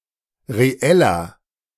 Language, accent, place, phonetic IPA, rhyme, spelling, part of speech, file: German, Germany, Berlin, [ʁeˈɛlɐ], -ɛlɐ, reeller, adjective, De-reeller.ogg
- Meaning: 1. comparative degree of reell 2. inflection of reell: strong/mixed nominative masculine singular 3. inflection of reell: strong genitive/dative feminine singular